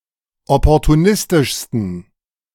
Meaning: 1. superlative degree of opportunistisch 2. inflection of opportunistisch: strong genitive masculine/neuter singular superlative degree
- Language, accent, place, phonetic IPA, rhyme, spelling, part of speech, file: German, Germany, Berlin, [ˌɔpɔʁtuˈnɪstɪʃstn̩], -ɪstɪʃstn̩, opportunistischsten, adjective, De-opportunistischsten.ogg